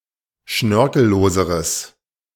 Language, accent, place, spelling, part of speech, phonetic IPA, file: German, Germany, Berlin, schnörkelloseres, adjective, [ˈʃnœʁkl̩ˌloːzəʁəs], De-schnörkelloseres.ogg
- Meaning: strong/mixed nominative/accusative neuter singular comparative degree of schnörkellos